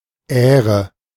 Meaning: 1. ear (of corn) 2. head, ear (of a grass seed) 3. spike (of a flower)
- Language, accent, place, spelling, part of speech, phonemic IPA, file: German, Germany, Berlin, Ähre, noun, /ˈɛːrə/, De-Ähre.ogg